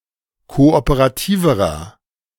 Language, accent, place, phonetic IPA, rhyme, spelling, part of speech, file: German, Germany, Berlin, [ˌkoʔopəʁaˈtiːvəʁɐ], -iːvəʁɐ, kooperativerer, adjective, De-kooperativerer.ogg
- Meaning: inflection of kooperativ: 1. strong/mixed nominative masculine singular comparative degree 2. strong genitive/dative feminine singular comparative degree 3. strong genitive plural comparative degree